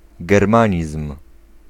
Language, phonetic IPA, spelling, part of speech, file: Polish, [ɡɛrˈmãɲism̥], germanizm, noun, Pl-germanizm.ogg